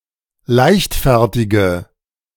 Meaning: inflection of leichtfertig: 1. strong/mixed nominative/accusative feminine singular 2. strong nominative/accusative plural 3. weak nominative all-gender singular
- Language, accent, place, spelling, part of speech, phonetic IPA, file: German, Germany, Berlin, leichtfertige, adjective, [ˈlaɪ̯çtˌfɛʁtɪɡə], De-leichtfertige.ogg